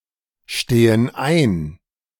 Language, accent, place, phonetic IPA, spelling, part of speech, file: German, Germany, Berlin, [ˌʃteːən ˈaɪ̯n], stehen ein, verb, De-stehen ein.ogg
- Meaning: inflection of einstehen: 1. first/third-person plural present 2. first/third-person plural subjunctive I